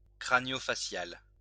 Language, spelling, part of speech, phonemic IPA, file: French, facial, adjective, /fa.sjal/, LL-Q150 (fra)-facial.wav
- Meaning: facial